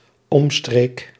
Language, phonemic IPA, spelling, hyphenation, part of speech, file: Dutch, /ˈɔm.streːk/, omstreek, om‧streek, noun, Nl-omstreek.ogg
- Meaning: the area surrounding a locale, the surroundings